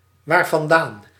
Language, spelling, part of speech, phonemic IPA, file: Dutch, waarvandaan, adverb, /ˌwarvɑnˈdan/, Nl-waarvandaan.ogg
- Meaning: pronominal adverb form of vandaan + wat